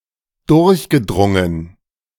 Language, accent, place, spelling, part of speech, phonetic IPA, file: German, Germany, Berlin, durchgedrungen, verb, [ˈdʊʁçɡəˌdʁʊŋən], De-durchgedrungen.ogg
- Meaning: past participle of durchdringen